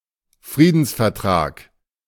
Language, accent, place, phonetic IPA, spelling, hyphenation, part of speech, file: German, Germany, Berlin, [ˈfʀiːdn̩sfɛɐ̯ˌtʀaːk], Friedensvertrag, Frie‧dens‧ver‧trag, noun, De-Friedensvertrag.ogg
- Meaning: peace treaty